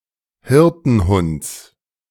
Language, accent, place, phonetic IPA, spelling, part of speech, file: German, Germany, Berlin, [ˈhɪʁtn̩ˌhʊnt͡s], Hirtenhunds, noun, De-Hirtenhunds.ogg
- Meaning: genitive of Hirtenhund